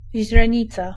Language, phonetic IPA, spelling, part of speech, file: Polish, [ʑrɛ̃ˈɲit͡sa], źrenica, noun, Pl-źrenica.ogg